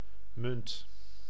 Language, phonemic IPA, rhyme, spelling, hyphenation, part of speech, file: Dutch, /mʏnt/, -ʏnt, munt, munt, noun / verb, Nl-munt.ogg
- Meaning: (noun) 1. coin 2. currency 3. tails (side of a coin) 4. mint (institution) 5. mint (plant), of genus Mentha 6. mint (colour)